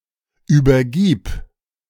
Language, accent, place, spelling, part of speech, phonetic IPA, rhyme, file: German, Germany, Berlin, übergib, verb, [yːbɐˈɡiːp], -iːp, De-übergib.ogg
- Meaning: singular imperative of übergeben